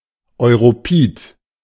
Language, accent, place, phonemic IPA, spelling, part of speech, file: German, Germany, Berlin, /ɔɪ̯ʁoˈpiːt/, europid, adjective, De-europid.ogg
- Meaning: Caucasian